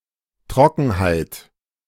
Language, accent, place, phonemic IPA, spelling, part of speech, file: German, Germany, Berlin, /ˈtʁɔkənhaɪ̯t/, Trockenheit, noun, De-Trockenheit.ogg
- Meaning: 1. dryness, lack of moisture 2. dryness (degree to which something is dry) 3. drought 4. dryness (of e.g. a lecture that is factual and boring)